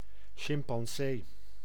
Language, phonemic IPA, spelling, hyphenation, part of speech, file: Dutch, /ˌʃɪm.pɑnˈseː/, chimpansee, chim‧pan‧see, noun, Nl-chimpansee.ogg
- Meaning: chimpanzee, member of the genus Pan